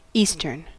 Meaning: 1. Of, facing, situated in, or related to the east 2. Blowing from the east; easterly 3. Oriental
- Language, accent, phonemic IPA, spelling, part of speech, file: English, US, /ˈi.stɚn/, eastern, adjective, En-us-eastern.ogg